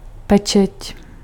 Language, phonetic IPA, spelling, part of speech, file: Czech, [ˈpɛt͡ʃɛc], pečeť, noun, Cs-pečeť.ogg
- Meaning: seal